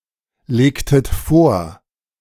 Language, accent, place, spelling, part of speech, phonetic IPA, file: German, Germany, Berlin, legtet vor, verb, [ˌleːktət ˈfoːɐ̯], De-legtet vor.ogg
- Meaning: inflection of vorlegen: 1. second-person plural preterite 2. second-person plural subjunctive II